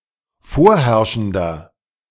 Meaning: inflection of vorherrschend: 1. strong/mixed nominative masculine singular 2. strong genitive/dative feminine singular 3. strong genitive plural
- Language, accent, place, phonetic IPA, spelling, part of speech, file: German, Germany, Berlin, [ˈfoːɐ̯ˌhɛʁʃn̩dɐ], vorherrschender, adjective, De-vorherrschender.ogg